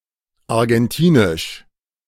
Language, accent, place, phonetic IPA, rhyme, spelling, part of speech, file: German, Germany, Berlin, [aʁɡɛnˈtiːnɪʃ], -iːnɪʃ, argentinisch, adjective, De-argentinisch.ogg
- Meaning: of Argentina; Argentinian